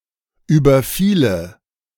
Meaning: first/third-person singular subjunctive II of überfallen
- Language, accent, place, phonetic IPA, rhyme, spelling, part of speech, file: German, Germany, Berlin, [ˌyːbɐˈfiːlə], -iːlə, überfiele, verb, De-überfiele.ogg